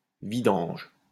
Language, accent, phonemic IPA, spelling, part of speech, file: French, France, /vi.dɑ̃ʒ/, vidange, noun, LL-Q150 (fra)-vidange.wav
- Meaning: 1. an act of emptying 2. oil change (the emptying and replacing of engine oil in a vehicle) 3. garbage, trash